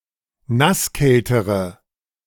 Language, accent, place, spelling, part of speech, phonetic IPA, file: German, Germany, Berlin, nasskältere, adjective, [ˈnasˌkɛltəʁə], De-nasskältere.ogg
- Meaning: inflection of nasskalt: 1. strong/mixed nominative/accusative feminine singular comparative degree 2. strong nominative/accusative plural comparative degree